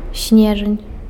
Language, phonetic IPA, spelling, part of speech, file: Belarusian, [ˈsʲnʲeʐanʲ], снежань, noun, Be-снежань.ogg
- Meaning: December